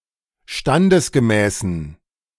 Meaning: inflection of standesgemäß: 1. strong genitive masculine/neuter singular 2. weak/mixed genitive/dative all-gender singular 3. strong/weak/mixed accusative masculine singular 4. strong dative plural
- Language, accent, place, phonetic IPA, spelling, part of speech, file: German, Germany, Berlin, [ˈʃtandəsɡəˌmɛːsn̩], standesgemäßen, adjective, De-standesgemäßen.ogg